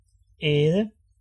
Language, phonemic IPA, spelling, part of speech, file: Danish, /ɛːðə/, æde, verb / noun, Da-æde.ogg
- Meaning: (verb) 1. to eat 2. to erode, eat away 3. to eat up; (noun) 1. fodder (food for animals) 2. food